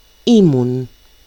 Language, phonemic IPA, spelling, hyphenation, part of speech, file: Greek, /ˈimun/, ήμουν, ή‧μουν, verb, El-ήμουν.ogg
- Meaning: first-person singular imperfect of είμαι (eímai): "I was"